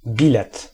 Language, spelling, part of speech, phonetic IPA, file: Polish, bilet, noun, [ˈbʲilɛt], Pl-bilet.ogg